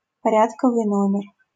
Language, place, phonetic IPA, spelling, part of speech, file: Russian, Saint Petersburg, [pɐˈrʲatkəvɨj ˈnomʲɪr], порядковый номер, noun, LL-Q7737 (rus)-порядковый номер.wav
- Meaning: 1. index number, serial number 2. atomic number (number of protons)